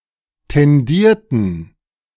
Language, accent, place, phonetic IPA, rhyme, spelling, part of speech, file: German, Germany, Berlin, [tɛnˈdiːɐ̯tn̩], -iːɐ̯tn̩, tendierten, verb, De-tendierten.ogg
- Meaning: inflection of tendieren: 1. first/third-person plural preterite 2. first/third-person plural subjunctive II